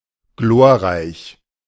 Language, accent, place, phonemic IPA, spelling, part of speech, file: German, Germany, Berlin, /ˈɡloːɐ̯ˌʁaɪ̯ç/, glorreich, adjective, De-glorreich.ogg
- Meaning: 1. glorious 2. illustrious